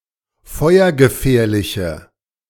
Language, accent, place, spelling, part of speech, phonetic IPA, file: German, Germany, Berlin, feuergefährliche, adjective, [ˈfɔɪ̯ɐɡəˌfɛːɐ̯lɪçə], De-feuergefährliche.ogg
- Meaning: inflection of feuergefährlich: 1. strong/mixed nominative/accusative feminine singular 2. strong nominative/accusative plural 3. weak nominative all-gender singular